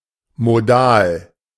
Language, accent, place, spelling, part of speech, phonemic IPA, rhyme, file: German, Germany, Berlin, modal, adjective, /moˈdaːl/, -aːl, De-modal.ogg
- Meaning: modal